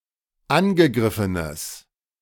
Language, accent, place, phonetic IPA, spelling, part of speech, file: German, Germany, Berlin, [ˈanɡəˌɡʁɪfənəs], angegriffenes, adjective, De-angegriffenes.ogg
- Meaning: strong/mixed nominative/accusative neuter singular of angegriffen